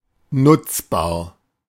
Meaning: available, usable, utilizable
- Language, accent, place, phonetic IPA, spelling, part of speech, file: German, Germany, Berlin, [ˈnʊt͡sbaːɐ̯], nutzbar, adjective, De-nutzbar.ogg